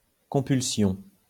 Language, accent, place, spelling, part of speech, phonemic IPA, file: French, France, Lyon, compulsion, noun, /kɔ̃.pyl.sjɔ̃/, LL-Q150 (fra)-compulsion.wav
- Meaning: compulsion